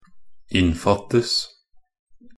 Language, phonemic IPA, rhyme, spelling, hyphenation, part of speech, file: Norwegian Bokmål, /ˈɪnːfatːəs/, -əs, innfattes, inn‧fatt‧es, verb, Nb-innfattes.ogg
- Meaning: passive of innfatte